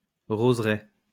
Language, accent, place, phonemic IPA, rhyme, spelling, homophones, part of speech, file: French, France, Lyon, /ʁoz.ʁɛ/, -ɛ, roseraie, roseraies, noun, LL-Q150 (fra)-roseraie.wav
- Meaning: rose garden, rosarium